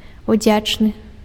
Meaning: grateful
- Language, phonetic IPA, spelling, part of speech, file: Belarusian, [uˈd͡zʲat͡ʂnɨ], удзячны, adjective, Be-удзячны.ogg